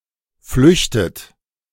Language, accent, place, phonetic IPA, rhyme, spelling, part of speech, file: German, Germany, Berlin, [ˈflʏçtət], -ʏçtət, flüchtet, verb, De-flüchtet.ogg
- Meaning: inflection of flüchten: 1. second-person plural present 2. second-person plural subjunctive I 3. third-person singular present 4. plural imperative